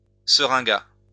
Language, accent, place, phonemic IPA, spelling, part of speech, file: French, France, Lyon, /sə.ʁɛ̃.ɡa/, seringat, noun, LL-Q150 (fra)-seringat.wav
- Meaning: alternative spelling of seringa